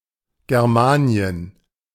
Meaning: Germania (an ancient Roman term for a cultural region describing the lands in Central Europe inhabited by Germanic peoples)
- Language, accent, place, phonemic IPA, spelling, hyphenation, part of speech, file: German, Germany, Berlin, /ɡɛʁˈmaːni̯ən/, Germanien, Ger‧ma‧ni‧en, proper noun, De-Germanien.ogg